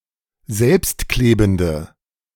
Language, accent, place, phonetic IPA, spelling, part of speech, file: German, Germany, Berlin, [ˈzɛlpstˌkleːbn̩də], selbstklebende, adjective, De-selbstklebende.ogg
- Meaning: inflection of selbstklebend: 1. strong/mixed nominative/accusative feminine singular 2. strong nominative/accusative plural 3. weak nominative all-gender singular